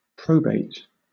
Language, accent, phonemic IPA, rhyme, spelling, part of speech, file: English, Southern England, /ˈpɹəʊbeɪt/, -əʊbeɪt, probate, noun / verb, LL-Q1860 (eng)-probate.wav
- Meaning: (noun) 1. The legal process of verifying the legality of a will 2. A copy of a legally recognised and qualified will 3. Clipping of probate court 4. Proof; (verb) To establish the legality of (a will)